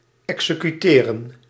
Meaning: to execute, to kill as punishment
- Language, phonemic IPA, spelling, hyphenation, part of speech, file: Dutch, /ˌɛksəkyˈteːrə(n)/, executeren, exe‧cu‧te‧ren, verb, Nl-executeren.ogg